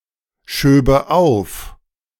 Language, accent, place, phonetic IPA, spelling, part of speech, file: German, Germany, Berlin, [ˌʃøːbə ˈaʊ̯f], schöbe auf, verb, De-schöbe auf.ogg
- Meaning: first/third-person singular subjunctive II of aufschieben